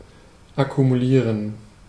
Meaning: to accumulate
- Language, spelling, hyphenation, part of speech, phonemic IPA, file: German, akkumulieren, ak‧ku‧mu‧lie‧ren, verb, /akumuˈliːʁən/, De-akkumulieren.ogg